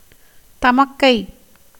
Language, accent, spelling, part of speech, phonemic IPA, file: Tamil, India, தமக்கை, noun, /t̪ɐmɐkːɐɪ̯/, Ta-தமக்கை.ogg
- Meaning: elder sister